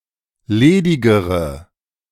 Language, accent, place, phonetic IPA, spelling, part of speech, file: German, Germany, Berlin, [ˈleːdɪɡəʁə], ledigere, adjective, De-ledigere.ogg
- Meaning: inflection of ledig: 1. strong/mixed nominative/accusative feminine singular comparative degree 2. strong nominative/accusative plural comparative degree